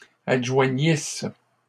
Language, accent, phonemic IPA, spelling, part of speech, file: French, Canada, /ad.ʒwa.ɲis/, adjoignissent, verb, LL-Q150 (fra)-adjoignissent.wav
- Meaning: third-person plural imperfect subjunctive of adjoindre